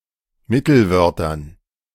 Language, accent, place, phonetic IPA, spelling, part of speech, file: German, Germany, Berlin, [ˈmɪtl̩ˌvœʁtɐn], Mittelwörtern, noun, De-Mittelwörtern.ogg
- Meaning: dative plural of Mittelwort